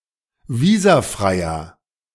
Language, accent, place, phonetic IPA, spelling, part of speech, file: German, Germany, Berlin, [ˈviːzaˌfʁaɪ̯ɐ], visafreier, adjective, De-visafreier.ogg
- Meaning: inflection of visafrei: 1. strong/mixed nominative masculine singular 2. strong genitive/dative feminine singular 3. strong genitive plural